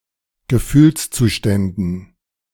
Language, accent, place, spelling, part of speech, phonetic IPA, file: German, Germany, Berlin, Gefühlszuständen, noun, [ɡəˈfyːlst͡suːˌʃtɛndn̩], De-Gefühlszuständen.ogg
- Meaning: dative plural of Gefühlszustand